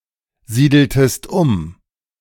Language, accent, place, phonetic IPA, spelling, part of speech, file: German, Germany, Berlin, [ˌziːdl̩təst ˈʊm], siedeltest um, verb, De-siedeltest um.ogg
- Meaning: inflection of umsiedeln: 1. second-person singular preterite 2. second-person singular subjunctive II